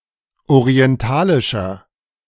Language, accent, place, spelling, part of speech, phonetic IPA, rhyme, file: German, Germany, Berlin, orientalischer, adjective, [oʁiɛnˈtaːlɪʃɐ], -aːlɪʃɐ, De-orientalischer.ogg
- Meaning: inflection of orientalisch: 1. strong/mixed nominative masculine singular 2. strong genitive/dative feminine singular 3. strong genitive plural